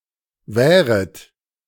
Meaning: second-person plural subjunctive I of währen
- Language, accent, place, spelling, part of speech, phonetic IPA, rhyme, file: German, Germany, Berlin, währet, verb, [ˈvɛːʁət], -ɛːʁət, De-währet.ogg